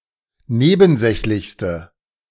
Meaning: inflection of nebensächlich: 1. strong/mixed nominative/accusative feminine singular superlative degree 2. strong nominative/accusative plural superlative degree
- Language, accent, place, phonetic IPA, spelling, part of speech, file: German, Germany, Berlin, [ˈneːbn̩ˌzɛçlɪçstə], nebensächlichste, adjective, De-nebensächlichste.ogg